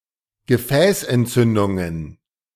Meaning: plural of Gefäßentzündung
- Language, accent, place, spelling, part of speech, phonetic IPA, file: German, Germany, Berlin, Gefäßentzündungen, noun, [ɡəˈfɛːsʔɛntˌt͡sʏndʊŋən], De-Gefäßentzündungen.ogg